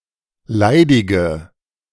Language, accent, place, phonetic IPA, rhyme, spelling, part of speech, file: German, Germany, Berlin, [ˈlaɪ̯dɪɡə], -aɪ̯dɪɡə, leidige, adjective, De-leidige.ogg
- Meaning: inflection of leidig: 1. strong/mixed nominative/accusative feminine singular 2. strong nominative/accusative plural 3. weak nominative all-gender singular 4. weak accusative feminine/neuter singular